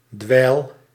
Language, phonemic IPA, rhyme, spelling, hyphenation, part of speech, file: Dutch, /dʋɛi̯l/, -ɛi̯l, dweil, dweil, noun / verb, Nl-dweil.ogg
- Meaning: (noun) 1. floorcloth, mop 2. worthless person; weakling; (verb) inflection of dweilen: 1. first-person singular present indicative 2. second-person singular present indicative 3. imperative